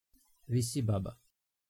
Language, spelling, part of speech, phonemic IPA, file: Serbo-Croatian, visibaba, noun, /ʋǐsibaba/, Sr-Visibaba.ogg
- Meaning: snowdrop (plant)